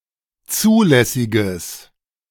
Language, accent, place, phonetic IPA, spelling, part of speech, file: German, Germany, Berlin, [ˈt͡suːlɛsɪɡəs], zulässiges, adjective, De-zulässiges.ogg
- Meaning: strong/mixed nominative/accusative neuter singular of zulässig